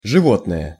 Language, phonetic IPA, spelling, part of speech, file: Russian, [ʐɨˈvotnəjə], животное, noun / adjective, Ru-животное.ogg
- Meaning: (noun) 1. animal 2. animal, brute, beast; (adjective) inflection of живо́тный (živótnyj): 1. neuter (singular) nominative 2. neuter (singular & mainly inanimate) accusative